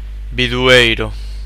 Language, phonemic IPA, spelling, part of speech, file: Galician, /biðuˈejɾo̝/, bidueiro, noun, Gl-bidueiro.ogg
- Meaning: 1. birch tree (Betula) 2. downy birch (Betula pubescens)